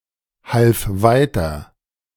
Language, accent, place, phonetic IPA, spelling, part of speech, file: German, Germany, Berlin, [ˌhalf ˈvaɪ̯tɐ], half weiter, verb, De-half weiter.ogg
- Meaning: first/third-person singular preterite of weiterhelfen